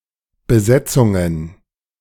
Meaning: plural of Besetzung
- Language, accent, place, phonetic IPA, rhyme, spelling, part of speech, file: German, Germany, Berlin, [bəˈzɛt͡sʊŋən], -ɛt͡sʊŋən, Besetzungen, noun, De-Besetzungen.ogg